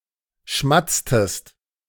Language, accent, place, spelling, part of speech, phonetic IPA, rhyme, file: German, Germany, Berlin, schmatztest, verb, [ˈʃmat͡stəst], -at͡stəst, De-schmatztest.ogg
- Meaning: inflection of schmatzen: 1. second-person singular preterite 2. second-person singular subjunctive II